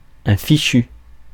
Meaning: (noun) 1. fichu 2. scarf, headscarf; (adjective) 1. lousy, rotten, hell of a 2. done for 3. put together, rigged out, got up
- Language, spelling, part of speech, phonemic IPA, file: French, fichu, noun / adjective, /fi.ʃy/, Fr-fichu.ogg